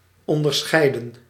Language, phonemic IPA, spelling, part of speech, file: Dutch, /ˌɔndərˈsxɛi̯də(n)/, onderscheiden, verb / adjective, Nl-onderscheiden.ogg
- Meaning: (verb) 1. to distinguish, to discriminate 2. to distinguish, discern 3. to treat with distinction 4. to decorate (with a medal) 5. past participle of onderscheiden; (adjective) various, different